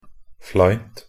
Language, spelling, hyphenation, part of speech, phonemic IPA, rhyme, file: Norwegian Bokmål, fleint, fleint, adjective, /ˈflæɪnt/, -æɪnt, Nb-fleint.ogg
- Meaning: neuter singular of flein